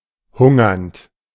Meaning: present participle of hungern
- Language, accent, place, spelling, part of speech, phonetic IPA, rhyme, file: German, Germany, Berlin, hungernd, verb, [ˈhʊŋɐnt], -ʊŋɐnt, De-hungernd.ogg